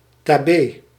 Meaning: bye, goodbye, farewell
- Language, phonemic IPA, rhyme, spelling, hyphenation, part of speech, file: Dutch, /taːˈbeː/, -eː, tabee, ta‧bee, interjection, Nl-tabee.ogg